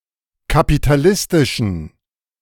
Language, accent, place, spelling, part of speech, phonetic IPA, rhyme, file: German, Germany, Berlin, kapitalistischen, adjective, [kapitaˈlɪstɪʃn̩], -ɪstɪʃn̩, De-kapitalistischen.ogg
- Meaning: inflection of kapitalistisch: 1. strong genitive masculine/neuter singular 2. weak/mixed genitive/dative all-gender singular 3. strong/weak/mixed accusative masculine singular 4. strong dative plural